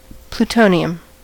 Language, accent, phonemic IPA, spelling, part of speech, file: English, US, /pluːˈtoʊniəm/, plutonium, noun, En-us-plutonium.ogg
- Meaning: The transuranic chemical element with atomic number 94 and symbol Pu: a silvery-gray fissile radioactive actinide metal that tarnishes when exposed to air